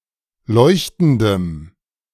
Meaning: strong dative masculine/neuter singular of leuchtend
- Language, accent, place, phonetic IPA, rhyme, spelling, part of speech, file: German, Germany, Berlin, [ˈlɔɪ̯çtn̩dəm], -ɔɪ̯çtn̩dəm, leuchtendem, adjective, De-leuchtendem.ogg